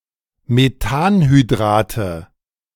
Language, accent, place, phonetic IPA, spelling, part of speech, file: German, Germany, Berlin, [meˈtaːnhyˌdʁaːtə], Methanhydrate, noun, De-Methanhydrate.ogg
- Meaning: nominative/accusative/genitive plural of Methanhydrat